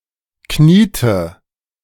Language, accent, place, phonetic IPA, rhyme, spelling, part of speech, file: German, Germany, Berlin, [ˈkniːtə], -iːtə, kniete, verb, De-kniete.ogg
- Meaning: inflection of knien: 1. first/third-person singular preterite 2. first/third-person singular subjunctive II